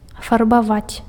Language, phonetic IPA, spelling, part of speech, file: Belarusian, [farbaˈvat͡sʲ], фарбаваць, verb, Be-фарбаваць.ogg
- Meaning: 1. to paint (apply paint to something) 2. to color (give color to something) 3. to dye